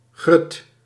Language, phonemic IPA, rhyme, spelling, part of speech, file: Dutch, /ɣrʏt/, -ʏt, grut, noun, Nl-grut.ogg
- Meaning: 1. groat, broken-up or ground grain 2. small stuff, little things 3. children